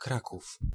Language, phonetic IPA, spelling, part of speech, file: Polish, [ˈkrakuf], Kraków, proper noun / noun, Pl-Kraków.ogg